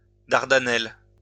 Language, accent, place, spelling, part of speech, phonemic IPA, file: French, France, Lyon, Dardanelles, proper noun, /daʁ.da.nɛl/, LL-Q150 (fra)-Dardanelles.wav
- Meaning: Dardanelles